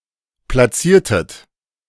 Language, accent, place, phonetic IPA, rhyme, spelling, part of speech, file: German, Germany, Berlin, [plaˈt͡siːɐ̯tət], -iːɐ̯tət, platziertet, verb, De-platziertet.ogg
- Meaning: inflection of platzieren: 1. second-person plural preterite 2. second-person plural subjunctive II